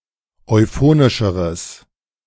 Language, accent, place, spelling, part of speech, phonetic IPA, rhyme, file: German, Germany, Berlin, euphonischeres, adjective, [ɔɪ̯ˈfoːnɪʃəʁəs], -oːnɪʃəʁəs, De-euphonischeres.ogg
- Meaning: strong/mixed nominative/accusative neuter singular comparative degree of euphonisch